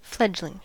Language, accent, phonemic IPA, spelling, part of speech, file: English, US, /ˈflɛd͡ʒ.lɪŋ/, fledgling, adjective / noun, En-us-fledgling.ogg
- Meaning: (adjective) 1. Untried or inexperienced 2. Emergent or rising; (noun) A young bird which has just developed its flight feathers (notably wings)